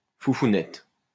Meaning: pussy
- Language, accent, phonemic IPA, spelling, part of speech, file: French, France, /fu.fu.nɛt/, foufounette, noun, LL-Q150 (fra)-foufounette.wav